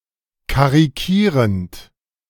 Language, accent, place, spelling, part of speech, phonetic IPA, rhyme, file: German, Germany, Berlin, karikierend, verb, [kaʁiˈkiːʁənt], -iːʁənt, De-karikierend.ogg
- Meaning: present participle of karikieren